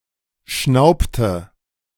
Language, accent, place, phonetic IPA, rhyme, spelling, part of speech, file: German, Germany, Berlin, [ˈʃnaʊ̯ptə], -aʊ̯ptə, schnaubte, verb, De-schnaubte.ogg
- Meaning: inflection of schnauben: 1. first/third-person singular preterite 2. first/third-person singular subjunctive II